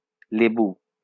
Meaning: citron, lemon, lime
- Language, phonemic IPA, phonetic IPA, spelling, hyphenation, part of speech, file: Bengali, /le.bu/, [ˈle.bu], লেবু, লে‧বু, noun, LL-Q9610 (ben)-লেবু.wav